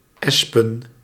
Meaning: plural of esp
- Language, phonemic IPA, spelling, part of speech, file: Dutch, /ˈɛspə(n)/, espen, adjective / noun, Nl-espen.ogg